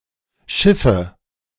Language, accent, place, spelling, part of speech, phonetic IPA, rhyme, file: German, Germany, Berlin, schiffe, verb, [ˈʃɪfə], -ɪfə, De-schiffe.ogg
- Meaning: inflection of schiffen: 1. first-person singular present 2. first/third-person singular subjunctive I 3. singular imperative